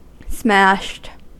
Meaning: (adjective) 1. Extensively broken; especially, in shards 2. Drunk; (verb) simple past and past participle of smash
- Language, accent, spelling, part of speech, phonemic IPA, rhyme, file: English, US, smashed, adjective / verb, /smæʃt/, -æʃt, En-us-smashed.ogg